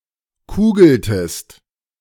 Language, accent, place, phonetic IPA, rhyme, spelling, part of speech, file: German, Germany, Berlin, [ˈkuːɡl̩təst], -uːɡl̩təst, kugeltest, verb, De-kugeltest.ogg
- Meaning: inflection of kugeln: 1. second-person singular preterite 2. second-person singular subjunctive II